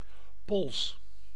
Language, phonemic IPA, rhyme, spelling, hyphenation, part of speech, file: Dutch, /pɔls/, -ɔls, pols, pols, noun, Nl-pols.ogg
- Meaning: 1. wrist 2. short for polsslag: pulse